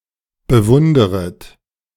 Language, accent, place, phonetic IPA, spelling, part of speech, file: German, Germany, Berlin, [bəˈvʊndəʁət], bewunderet, verb, De-bewunderet.ogg
- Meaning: second-person plural subjunctive I of bewundern